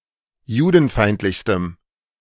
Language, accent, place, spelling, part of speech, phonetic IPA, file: German, Germany, Berlin, judenfeindlichstem, adjective, [ˈjuːdn̩ˌfaɪ̯ntlɪçstəm], De-judenfeindlichstem.ogg
- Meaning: strong dative masculine/neuter singular superlative degree of judenfeindlich